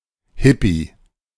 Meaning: hippie, hippy
- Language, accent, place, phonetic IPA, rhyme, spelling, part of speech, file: German, Germany, Berlin, [ˈhɪpi], -ɪpi, Hippie, noun, De-Hippie.ogg